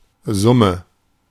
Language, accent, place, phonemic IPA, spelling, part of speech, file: German, Germany, Berlin, /ˈzʊmə/, Summe, noun, De-Summe.ogg
- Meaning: sum (maths)